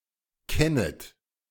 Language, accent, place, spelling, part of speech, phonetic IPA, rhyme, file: German, Germany, Berlin, kennet, verb, [ˈkɛnət], -ɛnət, De-kennet.ogg
- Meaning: second-person plural subjunctive I of kennen